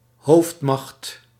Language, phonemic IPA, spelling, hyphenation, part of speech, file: Dutch, /ˈɦoːft.mɑxt/, hoofdmacht, hoofd‧macht, noun, Nl-hoofdmacht.ogg
- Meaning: main force